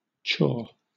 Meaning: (noun) 1. That which is chewed 2. Chewing tobacco; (verb) 1. To chew; grind with one's teeth; to masticate (food, or the cud) 2. To ruminate (about) in thought; to ponder; to consider 3. To steal
- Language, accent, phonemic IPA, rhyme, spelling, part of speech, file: English, Southern England, /t͡ʃɔː/, -ɔː, chaw, noun / verb, LL-Q1860 (eng)-chaw.wav